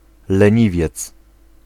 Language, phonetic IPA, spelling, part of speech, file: Polish, [lɛ̃ˈɲivʲjɛt͡s], leniwiec, noun, Pl-leniwiec.ogg